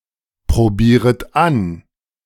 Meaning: second-person plural subjunctive I of anprobieren
- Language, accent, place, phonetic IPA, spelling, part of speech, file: German, Germany, Berlin, [pʁoˌbiːʁət ˈan], probieret an, verb, De-probieret an.ogg